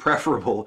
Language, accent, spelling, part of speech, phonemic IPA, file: English, US, preferable, adjective, /ˈpɹɛf.(ə.)ɹə.b(ə)l/, En-us-preferable.ogg
- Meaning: Better than some other option; preferred